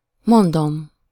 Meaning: first-person singular indicative present definite of mond
- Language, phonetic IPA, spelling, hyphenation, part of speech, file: Hungarian, [ˈmondom], mondom, mon‧dom, verb, Hu-mondom.ogg